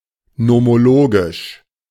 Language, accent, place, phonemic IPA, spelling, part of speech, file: German, Germany, Berlin, /nɔmoˈloːɡɪʃ/, nomologisch, adjective, De-nomologisch.ogg
- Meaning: nomological